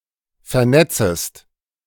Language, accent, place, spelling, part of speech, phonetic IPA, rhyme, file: German, Germany, Berlin, vernetzest, verb, [fɛɐ̯ˈnɛt͡səst], -ɛt͡səst, De-vernetzest.ogg
- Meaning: second-person singular subjunctive I of vernetzen